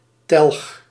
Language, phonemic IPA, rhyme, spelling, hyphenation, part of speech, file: Dutch, /tɛlx/, -ɛlx, telg, telg, noun, Nl-telg.ogg
- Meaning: descendant, scion